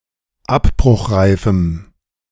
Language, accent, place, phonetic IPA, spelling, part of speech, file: German, Germany, Berlin, [ˈapbʁʊxˌʁaɪ̯fm̩], abbruchreifem, adjective, De-abbruchreifem.ogg
- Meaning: strong dative masculine/neuter singular of abbruchreif